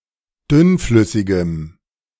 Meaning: strong dative masculine/neuter singular of dünnflüssig
- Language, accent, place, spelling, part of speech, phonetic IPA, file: German, Germany, Berlin, dünnflüssigem, adjective, [ˈdʏnˌflʏsɪɡəm], De-dünnflüssigem.ogg